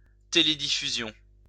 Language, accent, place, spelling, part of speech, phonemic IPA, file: French, France, Lyon, télédiffusion, noun, /te.le.di.fy.zjɔ̃/, LL-Q150 (fra)-télédiffusion.wav
- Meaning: broadcasting